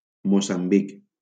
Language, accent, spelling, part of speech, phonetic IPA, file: Catalan, Valencia, Moçambic, proper noun, [mo.samˈbik], LL-Q7026 (cat)-Moçambic.wav
- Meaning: Mozambique (a country in East Africa and Southern Africa)